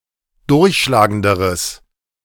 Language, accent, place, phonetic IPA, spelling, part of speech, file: German, Germany, Berlin, [ˈdʊʁçʃlaːɡəndəʁəs], durchschlagenderes, adjective, De-durchschlagenderes.ogg
- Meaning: strong/mixed nominative/accusative neuter singular comparative degree of durchschlagend